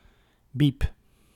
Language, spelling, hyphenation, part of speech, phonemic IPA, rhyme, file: Dutch, bieb, bieb, noun, /bip/, -ip, Nl-bieb.ogg
- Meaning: clipping of bibliotheek